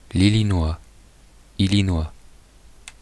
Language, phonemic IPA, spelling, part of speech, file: French, /i.li.nwa/, Illinois, noun / proper noun, Fr-Illinois.oga
- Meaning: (noun) Illinois, Illinese (member of the Illinois Confederation); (proper noun) Illinois (a state of the United States, named for the people)